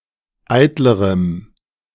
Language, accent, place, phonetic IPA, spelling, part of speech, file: German, Germany, Berlin, [ˈaɪ̯tləʁəm], eitlerem, adjective, De-eitlerem.ogg
- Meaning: strong dative masculine/neuter singular comparative degree of eitel